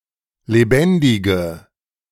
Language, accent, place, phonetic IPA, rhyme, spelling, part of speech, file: German, Germany, Berlin, [leˈbɛndɪɡə], -ɛndɪɡə, lebendige, adjective, De-lebendige.ogg
- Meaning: inflection of lebendig: 1. strong/mixed nominative/accusative feminine singular 2. strong nominative/accusative plural 3. weak nominative all-gender singular